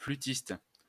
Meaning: flutist, flautist
- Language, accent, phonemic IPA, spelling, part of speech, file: French, France, /fly.tist/, flûtiste, noun, LL-Q150 (fra)-flûtiste.wav